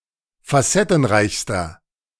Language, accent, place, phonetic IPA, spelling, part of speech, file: German, Germany, Berlin, [faˈsɛtn̩ˌʁaɪ̯çstɐ], facettenreichster, adjective, De-facettenreichster.ogg
- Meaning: inflection of facettenreich: 1. strong/mixed nominative masculine singular superlative degree 2. strong genitive/dative feminine singular superlative degree